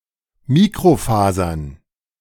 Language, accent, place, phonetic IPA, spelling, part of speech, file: German, Germany, Berlin, [ˈmiːkʁoˌfaːzɐn], Mikrofasern, noun, De-Mikrofasern.ogg
- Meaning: plural of Mikrofaser